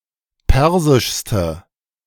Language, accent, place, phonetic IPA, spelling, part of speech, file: German, Germany, Berlin, [ˈpɛʁzɪʃstə], persischste, adjective, De-persischste.ogg
- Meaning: inflection of persisch: 1. strong/mixed nominative/accusative feminine singular superlative degree 2. strong nominative/accusative plural superlative degree